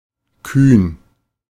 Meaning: daring; audacious
- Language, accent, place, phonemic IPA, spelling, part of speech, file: German, Germany, Berlin, /kyːn/, kühn, adjective, De-kühn.ogg